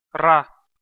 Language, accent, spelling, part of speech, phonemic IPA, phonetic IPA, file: Armenian, Eastern Armenian, ռա, noun, /rɑ/, [rɑ], Hy-ռա.ogg
- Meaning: the name of the Armenian letter ռ (ṙ)